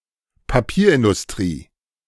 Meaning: paper industry
- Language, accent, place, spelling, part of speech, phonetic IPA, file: German, Germany, Berlin, Papierindustrie, noun, [paˈpiːɐ̯ʔɪndʊsˌtʁiː], De-Papierindustrie.ogg